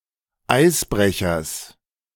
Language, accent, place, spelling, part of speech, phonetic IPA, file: German, Germany, Berlin, Eisbrechers, noun, [ˈaɪ̯sˌbʁɛçɐs], De-Eisbrechers.ogg
- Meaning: genitive singular of Eisbrecher